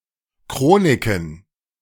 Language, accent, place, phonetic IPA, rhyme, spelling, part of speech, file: German, Germany, Berlin, [ˈkʁoːnɪkn̩], -oːnɪkn̩, Chroniken, noun, De-Chroniken.ogg
- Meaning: plural of Chronik